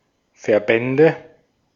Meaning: nominative/accusative/genitive plural of Verband
- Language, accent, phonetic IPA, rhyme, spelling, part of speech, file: German, Austria, [fɛɐ̯ˈbɛndə], -ɛndə, Verbände, noun, De-at-Verbände.ogg